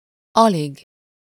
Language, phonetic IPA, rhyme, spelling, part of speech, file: Hungarian, [ˈɒliɡ], -iɡ, alig, adverb, Hu-alig.ogg
- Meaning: barely, hardly, scarcely